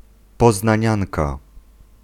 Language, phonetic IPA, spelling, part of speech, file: Polish, [ˌpɔznãˈɲãnka], poznanianka, noun, Pl-poznanianka.ogg